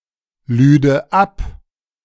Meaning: first/third-person singular subjunctive II of abladen
- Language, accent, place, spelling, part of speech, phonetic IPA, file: German, Germany, Berlin, lüde ab, verb, [ˌlyːdə ˈap], De-lüde ab.ogg